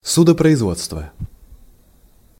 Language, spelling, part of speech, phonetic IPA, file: Russian, судопроизводство, noun, [ˌsudəprəɪzˈvot͡stvə], Ru-судопроизводство.ogg
- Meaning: legal proceedings(s)